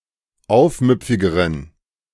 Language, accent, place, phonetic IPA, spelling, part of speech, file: German, Germany, Berlin, [ˈaʊ̯fˌmʏp͡fɪɡəʁən], aufmüpfigeren, adjective, De-aufmüpfigeren.ogg
- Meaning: inflection of aufmüpfig: 1. strong genitive masculine/neuter singular comparative degree 2. weak/mixed genitive/dative all-gender singular comparative degree